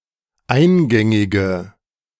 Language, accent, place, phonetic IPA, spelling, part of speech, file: German, Germany, Berlin, [ˈaɪ̯nˌɡɛŋɪɡə], eingängige, adjective, De-eingängige.ogg
- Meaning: inflection of eingängig: 1. strong/mixed nominative/accusative feminine singular 2. strong nominative/accusative plural 3. weak nominative all-gender singular